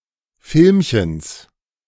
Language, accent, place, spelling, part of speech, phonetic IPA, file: German, Germany, Berlin, Filmchens, noun, [ˈfɪlmçəns], De-Filmchens.ogg
- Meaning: genitive singular of Filmchen